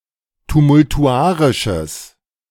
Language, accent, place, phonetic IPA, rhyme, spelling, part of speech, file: German, Germany, Berlin, [tumʊltuˈʔaʁɪʃəs], -aːʁɪʃəs, tumultuarisches, adjective, De-tumultuarisches.ogg
- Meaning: strong/mixed nominative/accusative neuter singular of tumultuarisch